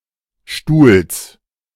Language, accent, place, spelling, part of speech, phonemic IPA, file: German, Germany, Berlin, Stuhls, noun, /ʃtuːls/, De-Stuhls.ogg
- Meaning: genitive singular of Stuhl